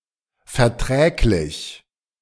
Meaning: compatible, bearable, acceptable, viable
- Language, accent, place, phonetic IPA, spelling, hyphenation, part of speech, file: German, Germany, Berlin, [fɛɐ̯ˈtʁɛːklɪç], verträglich, ver‧träg‧lich, adjective, De-verträglich.ogg